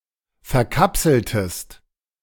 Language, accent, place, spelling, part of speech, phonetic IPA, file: German, Germany, Berlin, verkapseltest, verb, [fɛɐ̯ˈkapsl̩təst], De-verkapseltest.ogg
- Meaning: inflection of verkapseln: 1. second-person singular preterite 2. second-person singular subjunctive II